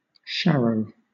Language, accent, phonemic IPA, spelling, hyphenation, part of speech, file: English, Southern England, /ˈʃæɹəʊ/, sharrow, shar‧row, noun, LL-Q1860 (eng)-sharrow.wav